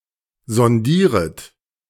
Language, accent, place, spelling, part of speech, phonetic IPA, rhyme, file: German, Germany, Berlin, sondieret, verb, [zɔnˈdiːʁət], -iːʁət, De-sondieret.ogg
- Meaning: second-person plural subjunctive I of sondieren